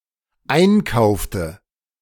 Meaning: inflection of einkaufen: 1. first/third-person singular dependent preterite 2. first/third-person singular dependent subjunctive II
- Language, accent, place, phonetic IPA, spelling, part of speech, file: German, Germany, Berlin, [ˈaɪ̯nˌkaʊ̯ftə], einkaufte, verb, De-einkaufte.ogg